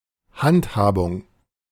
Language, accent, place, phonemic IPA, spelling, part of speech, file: German, Germany, Berlin, /ˈhantˌhaːbʊŋ/, Handhabung, noun, De-Handhabung.ogg
- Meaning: handling, manipulation